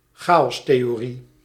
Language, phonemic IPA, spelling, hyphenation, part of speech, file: Dutch, /ˈxaː.ɔs.teː.oːˌri/, chaostheorie, cha‧os‧the‧o‧rie, noun, Nl-chaostheorie.ogg
- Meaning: chaos theory